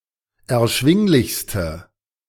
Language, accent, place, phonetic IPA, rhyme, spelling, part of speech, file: German, Germany, Berlin, [ɛɐ̯ˈʃvɪŋlɪçstə], -ɪŋlɪçstə, erschwinglichste, adjective, De-erschwinglichste.ogg
- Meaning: inflection of erschwinglich: 1. strong/mixed nominative/accusative feminine singular superlative degree 2. strong nominative/accusative plural superlative degree